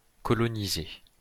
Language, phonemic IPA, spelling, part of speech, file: French, /kɔ.lɔ.ni.ze/, coloniser, verb, LL-Q150 (fra)-coloniser.wav
- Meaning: to colonise